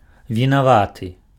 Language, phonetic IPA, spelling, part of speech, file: Belarusian, [vʲinaˈvatɨ], вінаваты, adjective, Be-вінаваты.ogg
- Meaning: guilty